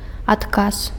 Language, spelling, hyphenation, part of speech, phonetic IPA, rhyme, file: Belarusian, адказ, ад‧каз, noun, [atˈkas], -as, Be-адказ.ogg
- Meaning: 1. answer, response, reply 2. responsibility